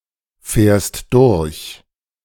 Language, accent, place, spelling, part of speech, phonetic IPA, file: German, Germany, Berlin, fährst durch, verb, [ˌfɛːɐ̯st ˈdʊʁç], De-fährst durch.ogg
- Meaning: second-person singular present of durchfahren